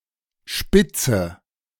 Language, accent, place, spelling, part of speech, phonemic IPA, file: German, Germany, Berlin, spitze, adjective / verb, /ˈʃpɪtsə/, De-spitze.ogg
- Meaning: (adjective) great, awesome; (verb) inflection of spitzen: 1. first-person singular present 2. first/third-person singular subjunctive I 3. singular imperative